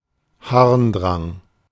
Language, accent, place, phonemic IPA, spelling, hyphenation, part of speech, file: German, Germany, Berlin, /ˈhaʁnˌdʁaŋ/, Harndrang, Harn‧drang, noun, De-Harndrang.ogg
- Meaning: urge to pee